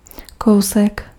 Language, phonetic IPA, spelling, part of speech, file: Czech, [ˈkou̯sɛk], kousek, noun, Cs-kousek.ogg
- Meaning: 1. diminutive of kus 2. bit (small piece) 3. chunk 4. a short way, nearby 5. deed, trick, feat